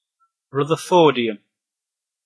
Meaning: 1. A transuranic chemical element (symbol Rf) with an atomic number of 104 2. A transuranic chemical element (symbol Rf) with an atomic number of 104.: An atom of this element
- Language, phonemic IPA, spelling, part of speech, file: English, /ˌɹʌðəɹˈfɔːɹdiəm/, rutherfordium, noun, En-rutherfordium (2).oga